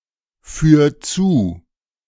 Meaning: 1. singular imperative of zuführen 2. first-person singular present of zuführen
- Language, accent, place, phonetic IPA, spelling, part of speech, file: German, Germany, Berlin, [ˌfyːɐ̯ ˈt͡suː], führ zu, verb, De-führ zu.ogg